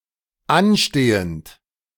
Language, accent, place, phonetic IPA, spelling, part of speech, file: German, Germany, Berlin, [ˈanˌʃteːənt], anstehend, adjective / verb, De-anstehend.ogg
- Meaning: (verb) present participle of anstehen; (adjective) pending